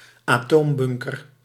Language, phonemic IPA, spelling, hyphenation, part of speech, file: Dutch, /aːˈtoːmˌbʏŋ.kər/, atoombunker, atoom‧bun‧ker, noun, Nl-atoombunker.ogg
- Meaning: a nuclear bunker, an atomic bunker (bunker intended to withstand nuclear weaponry)